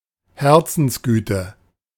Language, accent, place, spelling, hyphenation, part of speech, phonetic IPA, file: German, Germany, Berlin, Herzensgüte, Her‧zens‧gü‧te, noun, [ˈhɛʁt͡sn̩sˌɡyːtə], De-Herzensgüte.ogg
- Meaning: kindheartedness